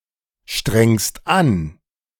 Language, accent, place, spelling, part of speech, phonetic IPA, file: German, Germany, Berlin, strengst an, verb, [ˌʃtʁɛŋst ˈan], De-strengst an.ogg
- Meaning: second-person singular present of anstrengen